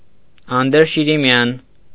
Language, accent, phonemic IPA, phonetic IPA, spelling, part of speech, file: Armenian, Eastern Armenian, /ɑndəɾʃiɾiˈmjɑn/, [ɑndəɾʃiɾimjɑ́n], անդրշիրիմյան, adjective, Hy-անդրշիրիմյան.ogg
- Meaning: afterlife, otherworldly, beyond the grave